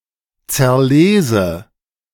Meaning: inflection of zerlesen: 1. first-person singular present 2. first/third-person singular subjunctive I
- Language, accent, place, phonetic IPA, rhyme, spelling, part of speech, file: German, Germany, Berlin, [t͡sɛɐ̯ˈleːzə], -eːzə, zerlese, verb, De-zerlese.ogg